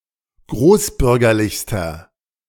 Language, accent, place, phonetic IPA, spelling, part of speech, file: German, Germany, Berlin, [ˈɡʁoːsˌbʏʁɡɐlɪçstɐ], großbürgerlichster, adjective, De-großbürgerlichster.ogg
- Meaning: inflection of großbürgerlich: 1. strong/mixed nominative masculine singular superlative degree 2. strong genitive/dative feminine singular superlative degree